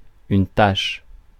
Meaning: 1. blot, stain or smear 2. spot; more or less stain-like mark of a different color 3. blotch, mark 4. moral depravation 5. annoying or despicable person
- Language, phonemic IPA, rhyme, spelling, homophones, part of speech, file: French, /taʃ/, -aʃ, tache, tachent / tâche / tâchent, noun, Fr-tache.ogg